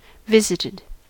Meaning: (verb) past participle of visit; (adjective) That has received a visit or visits
- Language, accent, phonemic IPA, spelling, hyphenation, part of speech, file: English, US, /ˈvɪzɪtɪd/, visited, vis‧it‧ed, verb / adjective, En-us-visited.ogg